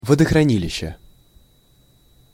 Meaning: reservoir, storage pond / pool, water storage basin
- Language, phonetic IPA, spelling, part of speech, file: Russian, [vədəxrɐˈnʲilʲɪɕːe], водохранилище, noun, Ru-водохранилище.ogg